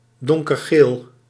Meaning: dark yellow
- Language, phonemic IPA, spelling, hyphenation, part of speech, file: Dutch, /ˌdɔŋ.kərˈɣeːl/, donkergeel, don‧ker‧geel, adjective, Nl-donkergeel.ogg